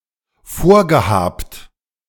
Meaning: past participle of vorhaben
- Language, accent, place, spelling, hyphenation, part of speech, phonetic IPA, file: German, Germany, Berlin, vorgehabt, vor‧ge‧habt, verb, [ˈfoːɐ̯ɡəˌhaːpt], De-vorgehabt.ogg